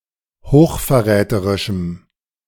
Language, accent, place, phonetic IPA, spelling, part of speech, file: German, Germany, Berlin, [hoːxfɛɐ̯ˈʁɛːtəʁɪʃm̩], hochverräterischem, adjective, De-hochverräterischem.ogg
- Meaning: strong dative masculine/neuter singular of hochverräterisch